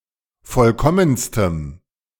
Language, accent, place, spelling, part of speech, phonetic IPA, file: German, Germany, Berlin, vollkommenstem, adjective, [ˈfɔlkɔmənstəm], De-vollkommenstem.ogg
- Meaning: strong dative masculine/neuter singular superlative degree of vollkommen